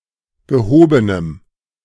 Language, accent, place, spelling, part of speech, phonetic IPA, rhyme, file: German, Germany, Berlin, gehobenem, adjective, [ɡəˈhoːbənəm], -oːbənəm, De-gehobenem.ogg
- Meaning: strong dative masculine/neuter singular of gehoben